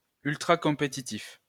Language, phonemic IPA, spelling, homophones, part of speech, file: French, /kɔ̃.pe.ti.tif/, compétitif, compétitifs, adjective, LL-Q150 (fra)-compétitif.wav
- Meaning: competitive